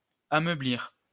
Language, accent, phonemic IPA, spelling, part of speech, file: French, France, /a.mœ.bliʁ/, ameublir, verb, LL-Q150 (fra)-ameublir.wav
- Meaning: to soften